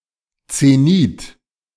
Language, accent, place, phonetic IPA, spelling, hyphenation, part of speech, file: German, Germany, Berlin, [t͡seˈniːt], Zenit, Ze‧nit, noun, De-Zenit.ogg
- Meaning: 1. zenith 2. zenith, peak